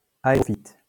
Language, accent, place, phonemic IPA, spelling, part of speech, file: French, France, Lyon, /a.e.ʁɔ.fit/, aérophyte, adjective / noun, LL-Q150 (fra)-aérophyte.wav
- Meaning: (adjective) aerophytic; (noun) aerophyte